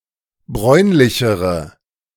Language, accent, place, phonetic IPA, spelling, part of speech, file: German, Germany, Berlin, [ˈbʁɔɪ̯nlɪçəʁə], bräunlichere, adjective, De-bräunlichere.ogg
- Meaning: inflection of bräunlich: 1. strong/mixed nominative/accusative feminine singular comparative degree 2. strong nominative/accusative plural comparative degree